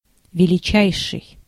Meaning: superlative degree of вели́кий (velíkij): greatest
- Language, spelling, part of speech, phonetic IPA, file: Russian, величайший, adjective, [vʲɪlʲɪˈt͡ɕæjʂɨj], Ru-величайший.ogg